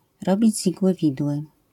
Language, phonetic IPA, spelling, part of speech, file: Polish, [ˈrɔbʲid͡ʑ ˈz‿iɡwɨ ˈvʲidwɨ], robić z igły widły, phrase, LL-Q809 (pol)-robić z igły widły.wav